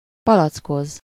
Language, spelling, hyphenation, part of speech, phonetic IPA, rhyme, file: Hungarian, palackoz, pa‧lac‧koz, verb, [ˈpɒlɒt͡skoz], -oz, Hu-palackoz.ogg
- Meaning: to bottle (to seal a gas or liquid, especially wine or other alcohol, into a bottle hermetically for later consumption)